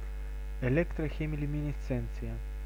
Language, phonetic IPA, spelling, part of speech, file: Russian, [ɪˌlʲektrɐˌxʲemʲɪlʲʉmʲɪnʲɪˈst͡sɛnt͡sɨjə], электрохемилюминесценция, noun, Ru-электрохемилюминесценция.ogg
- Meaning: electrochemiluminescence